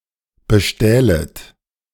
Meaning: second-person plural subjunctive II of bestehlen
- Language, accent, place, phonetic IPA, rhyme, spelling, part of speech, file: German, Germany, Berlin, [bəˈʃtɛːlət], -ɛːlət, bestählet, verb, De-bestählet.ogg